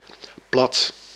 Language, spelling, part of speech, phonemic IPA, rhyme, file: Dutch, plat, adjective / noun, /plɑt/, -ɑt, Nl-plat.ogg
- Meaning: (adjective) 1. flat 2. of soft consistency 3. a flat surface; particularly a (roof) terrace; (noun) dialect; one’s local dialect; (adjective) dialectal; as one’s local dialect